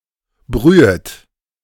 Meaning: second-person plural subjunctive I of brühen
- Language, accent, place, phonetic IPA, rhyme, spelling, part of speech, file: German, Germany, Berlin, [ˈbʁyːət], -yːət, brühet, verb, De-brühet.ogg